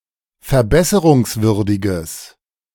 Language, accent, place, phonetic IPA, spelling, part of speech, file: German, Germany, Berlin, [fɛɐ̯ˈbɛsəʁʊŋsˌvʏʁdɪɡəs], verbesserungswürdiges, adjective, De-verbesserungswürdiges.ogg
- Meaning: strong/mixed nominative/accusative neuter singular of verbesserungswürdig